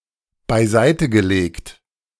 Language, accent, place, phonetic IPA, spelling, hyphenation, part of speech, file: German, Germany, Berlin, [baɪ̯ˈzaɪ̯təɡəˌleːkt], beiseitegelegt, bei‧sei‧te‧ge‧legt, verb / adjective, De-beiseitegelegt.ogg
- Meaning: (verb) past participle of beiseitelegen; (adjective) 1. set aside 2. stored, saved